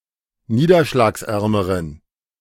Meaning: inflection of niederschlagsarm: 1. strong genitive masculine/neuter singular comparative degree 2. weak/mixed genitive/dative all-gender singular comparative degree
- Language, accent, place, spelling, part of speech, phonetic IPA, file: German, Germany, Berlin, niederschlagsärmeren, adjective, [ˈniːdɐʃlaːksˌʔɛʁməʁən], De-niederschlagsärmeren.ogg